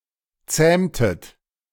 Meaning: inflection of zähmen: 1. second-person plural preterite 2. second-person plural subjunctive II
- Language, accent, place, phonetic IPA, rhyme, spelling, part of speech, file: German, Germany, Berlin, [ˈt͡sɛːmtət], -ɛːmtət, zähmtet, verb, De-zähmtet.ogg